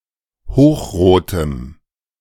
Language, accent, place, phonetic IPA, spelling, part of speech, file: German, Germany, Berlin, [ˈhoːxˌʁoːtəm], hochrotem, adjective, De-hochrotem.ogg
- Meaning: strong dative masculine/neuter singular of hochrot